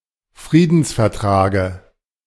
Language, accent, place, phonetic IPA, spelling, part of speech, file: German, Germany, Berlin, [ˈfʁiːdn̩sfɛɐ̯ˌtʁaːɡə], Friedensvertrage, noun, De-Friedensvertrage.ogg
- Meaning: dative of Friedensvertrag